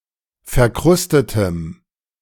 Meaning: strong dative masculine/neuter singular of verkrustet
- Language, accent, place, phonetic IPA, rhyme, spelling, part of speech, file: German, Germany, Berlin, [fɛɐ̯ˈkʁʊstətəm], -ʊstətəm, verkrustetem, adjective, De-verkrustetem.ogg